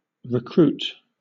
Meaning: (noun) 1. A supply of anything wasted or exhausted; a reinforcement 2. A person enlisted for service in the army; a newly enlisted soldier 3. A hired worker
- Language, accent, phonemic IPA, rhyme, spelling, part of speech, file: English, Southern England, /ɹɪˈkɹuːt/, -uːt, recruit, noun / verb, LL-Q1860 (eng)-recruit.wav